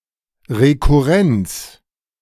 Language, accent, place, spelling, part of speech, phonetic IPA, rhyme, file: German, Germany, Berlin, Rekurrenz, noun, [ʁekuˈʁɛnt͡s], -ɛnt͡s, De-Rekurrenz.ogg
- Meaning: recurrence